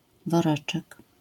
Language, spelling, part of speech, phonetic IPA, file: Polish, woreczek, noun, [vɔˈrɛt͡ʃɛk], LL-Q809 (pol)-woreczek.wav